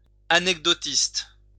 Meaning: anecdotist
- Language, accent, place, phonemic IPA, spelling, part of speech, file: French, France, Lyon, /a.nɛk.dɔ.tist/, anecdotiste, noun, LL-Q150 (fra)-anecdotiste.wav